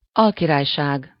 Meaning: viceroyalty
- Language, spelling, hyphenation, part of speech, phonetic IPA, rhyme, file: Hungarian, alkirályság, al‧ki‧rály‧ság, noun, [ˈɒlkiraːjʃaːɡ], -aːɡ, Hu-alkirályság.ogg